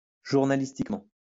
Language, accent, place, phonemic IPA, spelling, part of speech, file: French, France, Lyon, /ʒuʁ.na.lis.tik.mɑ̃/, journalistiquement, adverb, LL-Q150 (fra)-journalistiquement.wav
- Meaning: journalistically (in a journalistic way)